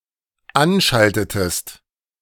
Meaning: inflection of anschalten: 1. second-person singular dependent preterite 2. second-person singular dependent subjunctive II
- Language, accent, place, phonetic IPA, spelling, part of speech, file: German, Germany, Berlin, [ˈanˌʃaltətəst], anschaltetest, verb, De-anschaltetest.ogg